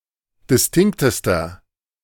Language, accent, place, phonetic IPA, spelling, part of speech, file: German, Germany, Berlin, [dɪsˈtɪŋktəstɐ], distinktester, adjective, De-distinktester.ogg
- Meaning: inflection of distinkt: 1. strong/mixed nominative masculine singular superlative degree 2. strong genitive/dative feminine singular superlative degree 3. strong genitive plural superlative degree